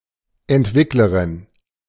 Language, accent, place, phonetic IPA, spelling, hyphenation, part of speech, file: German, Germany, Berlin, [ˈʔɛntˌvɪkləʀɪn], Entwicklerin, Ent‧wick‧le‧rin, noun, De-Entwicklerin.ogg
- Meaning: female developer